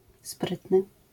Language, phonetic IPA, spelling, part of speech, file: Polish, [ˈsprɨtnɨ], sprytny, adjective, LL-Q809 (pol)-sprytny.wav